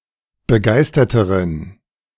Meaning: inflection of begeistert: 1. strong genitive masculine/neuter singular comparative degree 2. weak/mixed genitive/dative all-gender singular comparative degree
- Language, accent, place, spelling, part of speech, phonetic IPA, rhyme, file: German, Germany, Berlin, begeisterteren, adjective, [bəˈɡaɪ̯stɐtəʁən], -aɪ̯stɐtəʁən, De-begeisterteren.ogg